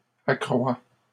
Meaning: inflection of accroître: 1. first/second-person singular present indicative 2. second-person singular imperative
- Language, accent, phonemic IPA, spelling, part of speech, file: French, Canada, /a.kʁwa/, accrois, verb, LL-Q150 (fra)-accrois.wav